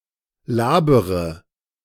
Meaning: inflection of labern: 1. first-person singular present 2. first/third-person singular subjunctive I 3. singular imperative
- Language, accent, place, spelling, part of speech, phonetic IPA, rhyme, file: German, Germany, Berlin, labere, verb, [ˈlaːbəʁə], -aːbəʁə, De-labere.ogg